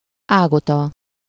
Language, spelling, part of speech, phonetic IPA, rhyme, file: Hungarian, Ágota, proper noun, [ˈaːɡotɒ], -tɒ, Hu-Ágota.ogg
- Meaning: a female given name, equivalent to English Agatha